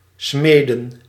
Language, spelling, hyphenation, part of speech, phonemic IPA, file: Dutch, smeden, sme‧den, verb / noun, /ˈsmeː.də(n)/, Nl-smeden.ogg
- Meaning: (verb) 1. to forge, hammer metal into shape 2. to make (a plan), plot; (noun) plural of smid